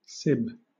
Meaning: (adjective) 1. Having kinship or relationship; related by same-bloodedness; kindred 2. Akin (to); similar (to); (noun) Kindred; kin; kinsmen; a body of persons related by blood in any degree
- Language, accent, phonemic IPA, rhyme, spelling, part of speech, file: English, Southern England, /sɪb/, -ɪb, sib, adjective / noun / verb, LL-Q1860 (eng)-sib.wav